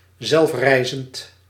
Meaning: self-raising (flour for example)
- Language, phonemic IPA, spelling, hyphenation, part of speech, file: Dutch, /ˈzɛlfˌrɛi̯.zənt/, zelfrijzend, zelf‧rij‧zend, adjective, Nl-zelfrijzend.ogg